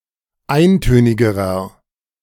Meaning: inflection of eintönig: 1. strong/mixed nominative masculine singular comparative degree 2. strong genitive/dative feminine singular comparative degree 3. strong genitive plural comparative degree
- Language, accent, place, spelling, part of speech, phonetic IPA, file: German, Germany, Berlin, eintönigerer, adjective, [ˈaɪ̯nˌtøːnɪɡəʁɐ], De-eintönigerer.ogg